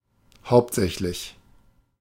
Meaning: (adjective) main; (adverb) mainly, primarily
- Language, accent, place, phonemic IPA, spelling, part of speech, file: German, Germany, Berlin, /haʊ̯ptˈzɛçlɪç/, hauptsächlich, adjective / adverb, De-hauptsächlich.ogg